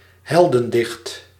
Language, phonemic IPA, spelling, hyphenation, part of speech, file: Dutch, /ˈɦɛl.də(n)ˌdɪxt/, heldendicht, hel‧den‧dicht, noun, Nl-heldendicht.ogg
- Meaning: 1. an epic, narrative poem (or by extension prose), notably on a hero 2. an epic episode or scene